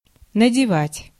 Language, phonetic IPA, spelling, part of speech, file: Russian, [nədʲɪˈvatʲ], надевать, verb, Ru-надевать.ogg
- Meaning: to put on, to get on